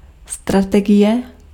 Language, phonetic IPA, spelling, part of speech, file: Czech, [ˈstratɛɡɪjɛ], strategie, noun, Cs-strategie.ogg
- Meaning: strategy